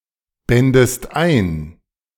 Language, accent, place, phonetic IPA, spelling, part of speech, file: German, Germany, Berlin, [ˌbɛndəst ˈaɪ̯n], bändest ein, verb, De-bändest ein.ogg
- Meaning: second-person singular subjunctive II of einbinden